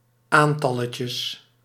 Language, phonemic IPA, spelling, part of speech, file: Dutch, /ˈantɑləcəs/, aantalletjes, noun, Nl-aantalletjes.ogg
- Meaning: plural of aantalletje